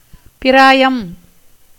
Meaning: 1. age 2. condition, stage
- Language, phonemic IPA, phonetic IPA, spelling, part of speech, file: Tamil, /pɪɾɑːjɐm/, [pɪɾäːjɐm], பிராயம், noun, Ta-பிராயம்.ogg